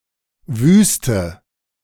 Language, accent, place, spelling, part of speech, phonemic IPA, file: German, Germany, Berlin, Wüste, noun, /ˈvyːstə/, De-Wüste.ogg
- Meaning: 1. desert 2. wilderness, waste, wasteland